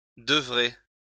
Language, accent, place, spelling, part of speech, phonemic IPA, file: French, France, Lyon, devrez, verb, /də.vʁe/, LL-Q150 (fra)-devrez.wav
- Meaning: second-person plural future of devoir